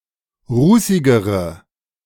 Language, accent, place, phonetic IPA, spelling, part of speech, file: German, Germany, Berlin, [ˈʁuːsɪɡəʁə], rußigere, adjective, De-rußigere.ogg
- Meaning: inflection of rußig: 1. strong/mixed nominative/accusative feminine singular comparative degree 2. strong nominative/accusative plural comparative degree